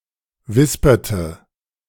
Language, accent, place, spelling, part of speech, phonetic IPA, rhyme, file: German, Germany, Berlin, wisperte, verb, [ˈvɪspɐtə], -ɪspɐtə, De-wisperte.ogg
- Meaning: inflection of wispern: 1. first/third-person singular preterite 2. first/third-person singular subjunctive II